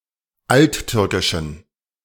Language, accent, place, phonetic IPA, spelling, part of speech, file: German, Germany, Berlin, [ˈaltˌtʏʁkɪʃn̩], alttürkischen, adjective, De-alttürkischen.ogg
- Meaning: inflection of alttürkisch: 1. strong genitive masculine/neuter singular 2. weak/mixed genitive/dative all-gender singular 3. strong/weak/mixed accusative masculine singular 4. strong dative plural